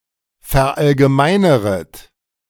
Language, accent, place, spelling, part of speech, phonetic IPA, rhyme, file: German, Germany, Berlin, verallgemeineret, verb, [fɛɐ̯ˌʔalɡəˈmaɪ̯nəʁət], -aɪ̯nəʁət, De-verallgemeineret.ogg
- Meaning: second-person plural subjunctive I of verallgemeinern